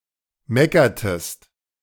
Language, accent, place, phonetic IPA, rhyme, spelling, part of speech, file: German, Germany, Berlin, [ˈmɛkɐtəst], -ɛkɐtəst, meckertest, verb, De-meckertest.ogg
- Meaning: inflection of meckern: 1. second-person singular preterite 2. second-person singular subjunctive II